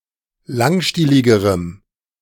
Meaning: strong dative masculine/neuter singular comparative degree of langstielig
- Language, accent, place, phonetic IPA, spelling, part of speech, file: German, Germany, Berlin, [ˈlaŋˌʃtiːlɪɡəʁəm], langstieligerem, adjective, De-langstieligerem.ogg